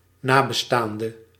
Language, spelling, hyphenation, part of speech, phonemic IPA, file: Dutch, nabestaande, na‧be‧staan‧de, noun, /ˈnaː.bəˌstaːn.də/, Nl-nabestaande.ogg
- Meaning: a close relative, in particular a surviving family member or next of kin of a deceased person